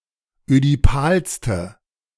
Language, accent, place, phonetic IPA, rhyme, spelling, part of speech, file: German, Germany, Berlin, [ødiˈpaːlstə], -aːlstə, ödipalste, adjective, De-ödipalste.ogg
- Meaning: inflection of ödipal: 1. strong/mixed nominative/accusative feminine singular superlative degree 2. strong nominative/accusative plural superlative degree